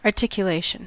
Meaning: A joint or the collection of joints at which something is articulated, or hinged, for bending
- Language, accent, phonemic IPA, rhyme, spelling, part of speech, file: English, US, /ɑɹˌtɪk.jəˈleɪ.ʃən/, -eɪʃən, articulation, noun, En-us-articulation.ogg